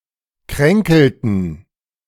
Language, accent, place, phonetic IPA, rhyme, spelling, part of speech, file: German, Germany, Berlin, [ˈkʁɛŋkl̩tn̩], -ɛŋkl̩tn̩, kränkelten, verb, De-kränkelten.ogg
- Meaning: inflection of kränkeln: 1. first/third-person plural preterite 2. first/third-person plural subjunctive II